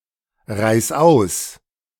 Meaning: 1. singular imperative of ausreisen 2. first-person singular present of ausreisen
- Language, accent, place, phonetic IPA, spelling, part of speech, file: German, Germany, Berlin, [ˌʁaɪ̯s ˈaʊ̯s], reis aus, verb, De-reis aus.ogg